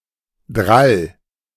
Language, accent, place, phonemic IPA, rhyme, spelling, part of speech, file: German, Germany, Berlin, /dʁal/, -al, drall, adjective, De-drall.ogg
- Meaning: 1. tight (of a ball, sack: very full) 2. buxom (of a woman: having a full, voluptuous figure)